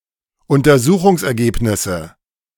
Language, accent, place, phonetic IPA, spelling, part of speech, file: German, Germany, Berlin, [ʊntɐˈzuːxʊŋsʔɛɐ̯ˌɡeːpnɪsə], Untersuchungsergebnisse, noun, De-Untersuchungsergebnisse.ogg
- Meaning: nominative/accusative/genitive plural of Untersuchungsergebnis